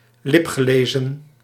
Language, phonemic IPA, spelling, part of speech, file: Dutch, /ˈlɪpxəˌlezə(n)/, lipgelezen, verb, Nl-lipgelezen.ogg
- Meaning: past participle of liplezen